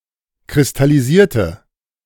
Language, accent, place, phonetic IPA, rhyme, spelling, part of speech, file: German, Germany, Berlin, [kʁɪstaliˈziːɐ̯tə], -iːɐ̯tə, kristallisierte, adjective / verb, De-kristallisierte.ogg
- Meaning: inflection of kristallisieren: 1. first/third-person singular preterite 2. first/third-person singular subjunctive II